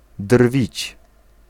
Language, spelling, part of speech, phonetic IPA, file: Polish, drwić, verb, [drvʲit͡ɕ], Pl-drwić.ogg